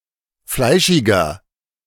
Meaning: 1. comparative degree of fleischig 2. inflection of fleischig: strong/mixed nominative masculine singular 3. inflection of fleischig: strong genitive/dative feminine singular
- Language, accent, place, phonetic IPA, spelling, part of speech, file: German, Germany, Berlin, [ˈflaɪ̯ʃɪɡɐ], fleischiger, adjective, De-fleischiger.ogg